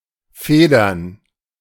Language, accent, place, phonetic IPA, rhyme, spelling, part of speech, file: German, Germany, Berlin, [ˈfeːdɐn], -eːdɐn, Federn, noun, De-Federn.ogg
- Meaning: plural of Feder